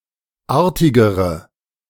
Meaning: inflection of artig: 1. strong/mixed nominative/accusative feminine singular comparative degree 2. strong nominative/accusative plural comparative degree
- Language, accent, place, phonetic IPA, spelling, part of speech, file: German, Germany, Berlin, [ˈaːɐ̯tɪɡəʁə], artigere, adjective, De-artigere.ogg